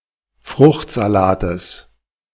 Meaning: genitive singular of Fruchtsalat
- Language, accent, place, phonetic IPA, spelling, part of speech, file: German, Germany, Berlin, [ˈfʁʊxtzaˌlaːtəs], Fruchtsalates, noun, De-Fruchtsalates.ogg